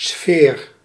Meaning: 1. sphere, round object 2. atmosphere, ambiance, mood
- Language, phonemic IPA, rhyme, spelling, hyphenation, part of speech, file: Dutch, /sfeːr/, -eːr, sfeer, sfeer, noun, Nl-sfeer.ogg